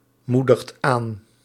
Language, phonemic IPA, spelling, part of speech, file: Dutch, /ˈmudəxt ˈan/, moedigt aan, verb, Nl-moedigt aan.ogg
- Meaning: inflection of aanmoedigen: 1. second/third-person singular present indicative 2. plural imperative